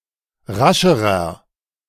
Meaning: inflection of rasch: 1. strong/mixed nominative masculine singular comparative degree 2. strong genitive/dative feminine singular comparative degree 3. strong genitive plural comparative degree
- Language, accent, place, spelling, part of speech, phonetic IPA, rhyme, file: German, Germany, Berlin, rascherer, adjective, [ˈʁaʃəʁɐ], -aʃəʁɐ, De-rascherer.ogg